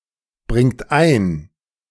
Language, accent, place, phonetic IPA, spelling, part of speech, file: German, Germany, Berlin, [ˌbʁɪŋt ˈaɪ̯n], bringt ein, verb, De-bringt ein.ogg
- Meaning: inflection of einbringen: 1. third-person singular present 2. second-person plural present 3. plural imperative